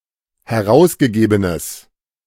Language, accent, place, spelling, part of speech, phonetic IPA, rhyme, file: German, Germany, Berlin, herausgegebenes, adjective, [hɛˈʁaʊ̯sɡəˌɡeːbənəs], -aʊ̯sɡəɡeːbənəs, De-herausgegebenes.ogg
- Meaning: strong/mixed nominative/accusative neuter singular of herausgegeben